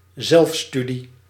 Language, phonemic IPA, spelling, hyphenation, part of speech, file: Dutch, /ˈzɛlfˌsty.di/, zelfstudie, zelf‧stu‧die, noun, Nl-zelfstudie.ogg
- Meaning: self-study, independent study